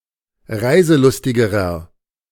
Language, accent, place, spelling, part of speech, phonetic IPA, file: German, Germany, Berlin, reiselustigerer, adjective, [ˈʁaɪ̯zəˌlʊstɪɡəʁɐ], De-reiselustigerer.ogg
- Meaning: inflection of reiselustig: 1. strong/mixed nominative masculine singular comparative degree 2. strong genitive/dative feminine singular comparative degree 3. strong genitive plural comparative degree